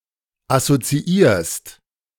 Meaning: second-person singular present of assoziieren
- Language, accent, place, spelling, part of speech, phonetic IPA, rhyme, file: German, Germany, Berlin, assoziierst, verb, [asot͡siˈiːɐ̯st], -iːɐ̯st, De-assoziierst.ogg